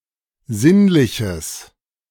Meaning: strong/mixed nominative/accusative neuter singular of sinnlich
- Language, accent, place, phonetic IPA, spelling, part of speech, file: German, Germany, Berlin, [ˈzɪnlɪçəs], sinnliches, adjective, De-sinnliches.ogg